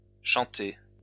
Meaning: feminine plural of chanté
- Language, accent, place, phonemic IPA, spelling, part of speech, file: French, France, Lyon, /ʃɑ̃.te/, chantées, verb, LL-Q150 (fra)-chantées.wav